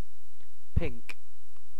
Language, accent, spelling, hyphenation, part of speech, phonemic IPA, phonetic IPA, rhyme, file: English, UK, pink, pink, noun / adjective / verb, /ˈpɪŋk/, [ˈpʰɪŋk], -ɪŋk, En-uk-pink.ogg
- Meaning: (noun) 1. A color reminiscent of pinks, the flowers 2. A color reminiscent of pinks, the flowers.: Magenta, the colour evoked by red and blue light when combined